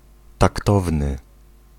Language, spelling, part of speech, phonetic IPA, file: Polish, taktowny, adjective, [takˈtɔvnɨ], Pl-taktowny.ogg